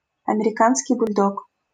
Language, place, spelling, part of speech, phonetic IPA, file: Russian, Saint Petersburg, американский бульдог, noun, [ɐmʲɪrʲɪˈkanskʲɪj bʊlʲˈdok], LL-Q7737 (rus)-американский бульдог.wav
- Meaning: American Bulldog